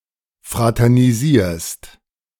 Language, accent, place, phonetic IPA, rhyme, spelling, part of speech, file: German, Germany, Berlin, [ˌfʁatɛʁniˈziːɐ̯st], -iːɐ̯st, fraternisierst, verb, De-fraternisierst.ogg
- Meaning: second-person singular present of fraternisieren